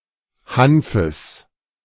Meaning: genitive singular of Hanf
- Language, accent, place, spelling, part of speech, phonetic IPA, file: German, Germany, Berlin, Hanfes, noun, [ˈhanfəs], De-Hanfes.ogg